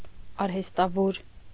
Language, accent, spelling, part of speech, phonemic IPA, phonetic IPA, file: Armenian, Eastern Armenian, արհեստավոր, noun, /ɑɾhestɑˈvoɾ/, [ɑɾhestɑvóɾ], Hy-արհեստավոր.ogg
- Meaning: artisan, craftsman, handicraftsman, artificer, tradesman